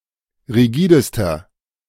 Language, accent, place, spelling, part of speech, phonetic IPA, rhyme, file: German, Germany, Berlin, rigidester, adjective, [ʁiˈɡiːdəstɐ], -iːdəstɐ, De-rigidester.ogg
- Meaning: inflection of rigide: 1. strong/mixed nominative masculine singular superlative degree 2. strong genitive/dative feminine singular superlative degree 3. strong genitive plural superlative degree